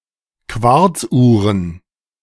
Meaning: plural of Quarzuhr
- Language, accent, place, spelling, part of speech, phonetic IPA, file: German, Germany, Berlin, Quarzuhren, noun, [ˈkvaʁt͡sˌʔuːʁən], De-Quarzuhren.ogg